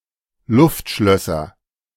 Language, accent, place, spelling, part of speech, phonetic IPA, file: German, Germany, Berlin, Luftschlösser, noun, [ˈlʊftˌʃlœsɐ], De-Luftschlösser.ogg
- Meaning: nominative/accusative/genitive plural of Luftschloss